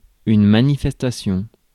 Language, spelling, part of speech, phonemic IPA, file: French, manifestation, noun, /ma.ni.fɛs.ta.sjɔ̃/, Fr-manifestation.ogg
- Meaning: 1. protest, demonstration 2. expression 3. assembly, gathering (of people for an event) 4. creation